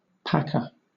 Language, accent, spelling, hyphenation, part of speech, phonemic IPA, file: English, Southern England, packer, pack‧er, noun, /ˈpækə/, LL-Q1860 (eng)-packer.wav
- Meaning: A person whose business is to pack things; especially, one who packs food for preservation